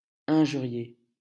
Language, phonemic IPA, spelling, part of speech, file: French, /ɛ̃.ʒy.ʁje/, injurier, verb, LL-Q150 (fra)-injurier.wav
- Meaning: to abuse, howl abuse at